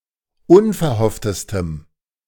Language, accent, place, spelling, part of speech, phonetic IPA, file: German, Germany, Berlin, unverhofftestem, adjective, [ˈʊnfɛɐ̯ˌhɔftəstəm], De-unverhofftestem.ogg
- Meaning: strong dative masculine/neuter singular superlative degree of unverhofft